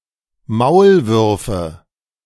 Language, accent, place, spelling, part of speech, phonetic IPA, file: German, Germany, Berlin, Maulwürfe, noun, [ˈmaʊ̯lˌvʏʁfə], De-Maulwürfe.ogg
- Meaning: nominative/accusative/genitive plural of Maulwurf (“mole”)